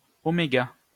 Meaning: omega (Greek letter)
- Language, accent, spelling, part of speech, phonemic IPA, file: French, France, oméga, noun, /ɔ.me.ɡa/, LL-Q150 (fra)-oméga.wav